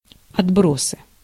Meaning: 1. waste, refuse (useless products, garbage) 2. dregs, scum 3. nominative/accusative plural of отбро́с (otbrós)
- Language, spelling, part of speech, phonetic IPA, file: Russian, отбросы, noun, [ɐdˈbrosɨ], Ru-отбросы.ogg